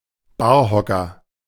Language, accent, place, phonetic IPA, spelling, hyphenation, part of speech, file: German, Germany, Berlin, [ˈbaːɐ̯ˌhɔkɐ], Barhocker, Bar‧ho‧cker, noun, De-Barhocker.ogg
- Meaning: bar stool (a tall stool-like seat usually having a foot rest, commonly placed in bars)